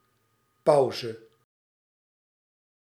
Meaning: pause, break
- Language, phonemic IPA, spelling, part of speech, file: Dutch, /ˈpɑu̯.zə/, pauze, noun, Nl-pauze.ogg